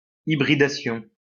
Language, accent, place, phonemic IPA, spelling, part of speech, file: French, France, Lyon, /i.bʁi.da.sjɔ̃/, hybridation, noun, LL-Q150 (fra)-hybridation.wav
- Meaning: 1. hybridization 2. cross-breeding